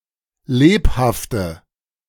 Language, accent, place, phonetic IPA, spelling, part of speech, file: German, Germany, Berlin, [ˈleːphaftə], lebhafte, adjective, De-lebhafte.ogg
- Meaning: inflection of lebhaft: 1. strong/mixed nominative/accusative feminine singular 2. strong nominative/accusative plural 3. weak nominative all-gender singular 4. weak accusative feminine/neuter singular